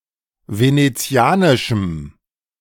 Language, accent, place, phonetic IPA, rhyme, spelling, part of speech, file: German, Germany, Berlin, [ˌveneˈt͡si̯aːnɪʃm̩], -aːnɪʃm̩, venezianischem, adjective, De-venezianischem.ogg
- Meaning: strong dative masculine/neuter singular of venezianisch